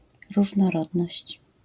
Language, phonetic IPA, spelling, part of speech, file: Polish, [ˌruʒnɔˈrɔdnɔɕt͡ɕ], różnorodność, noun, LL-Q809 (pol)-różnorodność.wav